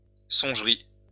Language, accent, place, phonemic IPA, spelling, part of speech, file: French, France, Lyon, /sɔ̃ʒ.ʁi/, songerie, noun, LL-Q150 (fra)-songerie.wav
- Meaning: dream, fantasy